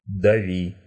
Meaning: second-person singular imperative imperfective of дави́ть (davítʹ)
- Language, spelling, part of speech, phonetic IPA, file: Russian, дави, verb, [dɐˈvʲi], Ru-дави́.ogg